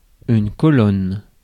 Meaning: 1. column, pillar (cylindrical part of a structure, for support) 2. column (vertical part of a table or grid) 3. column 4. file
- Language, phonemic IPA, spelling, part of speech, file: French, /kɔ.lɔn/, colonne, noun, Fr-colonne.ogg